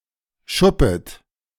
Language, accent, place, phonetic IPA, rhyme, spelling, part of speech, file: German, Germany, Berlin, [ˈʃʊpət], -ʊpət, schuppet, verb, De-schuppet.ogg
- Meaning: second-person plural subjunctive I of schuppen